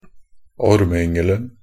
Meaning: definite singular of ormeyngel
- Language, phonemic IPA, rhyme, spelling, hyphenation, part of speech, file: Norwegian Bokmål, /ɔɾməʏŋːəln̩/, -əln̩, ormeyngelen, orm‧e‧yng‧el‧en, noun, Nb-ormeyngelen.ogg